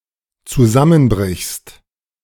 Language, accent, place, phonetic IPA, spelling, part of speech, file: German, Germany, Berlin, [t͡suˈzamənˌbʁɪçst], zusammenbrichst, verb, De-zusammenbrichst.ogg
- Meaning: second-person singular dependent present of zusammenbrechen